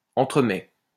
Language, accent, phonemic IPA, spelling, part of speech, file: French, France, /ɑ̃.tʁə.mɛ/, entremets, noun / verb, LL-Q150 (fra)-entremets.wav
- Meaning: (noun) entremets; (verb) first/second-person singular present indicative of entremettre